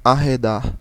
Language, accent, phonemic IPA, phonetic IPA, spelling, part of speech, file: Portuguese, Brazil, /a.ʁeˈda(ʁ)/, [a.heˈda(h)], arredar, verb, Pt-br-arredar.ogg
- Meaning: 1. to depart 2. to deter 3. to turn away 4. to move over